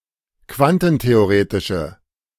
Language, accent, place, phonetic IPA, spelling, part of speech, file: German, Germany, Berlin, [ˈkvantn̩teoˌʁeːtɪʃə], quantentheoretische, adjective, De-quantentheoretische.ogg
- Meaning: inflection of quantentheoretisch: 1. strong/mixed nominative/accusative feminine singular 2. strong nominative/accusative plural 3. weak nominative all-gender singular